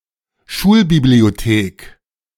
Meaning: school library
- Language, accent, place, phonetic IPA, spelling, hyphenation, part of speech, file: German, Germany, Berlin, [ˈʃuːlbiblioˌteːk], Schulbibliothek, Schul‧bi‧b‧lio‧thek, noun, De-Schulbibliothek.ogg